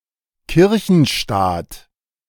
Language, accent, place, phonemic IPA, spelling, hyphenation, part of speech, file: German, Germany, Berlin, /ˈkɪʁçənˌʃtaːt/, Kirchenstaat, Kir‧chen‧staat, noun, De-Kirchenstaat.ogg
- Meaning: 1. the Papal States 2. Vatican City 3. state controlled by a church, (by extension) theocracy